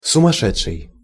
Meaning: mad, crazy
- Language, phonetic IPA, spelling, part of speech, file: Russian, [sʊmɐˈʂɛt͡ʂʂɨj], сумасшедший, adjective / noun, Ru-сумасшедший.ogg